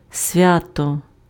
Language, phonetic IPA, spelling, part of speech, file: Ukrainian, [ˈsʲʋʲatɔ], свято, adverb / noun, Uk-свято.ogg
- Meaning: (adverb) piously, with awe; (noun) holiday